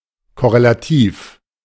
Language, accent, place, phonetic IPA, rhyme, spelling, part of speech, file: German, Germany, Berlin, [kɔʁelaˈtiːf], -iːf, korrelativ, adjective, De-korrelativ.ogg
- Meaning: correlative